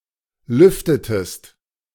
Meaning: inflection of lüften: 1. second-person singular preterite 2. second-person singular subjunctive II
- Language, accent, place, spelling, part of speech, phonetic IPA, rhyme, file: German, Germany, Berlin, lüftetest, verb, [ˈlʏftətəst], -ʏftətəst, De-lüftetest.ogg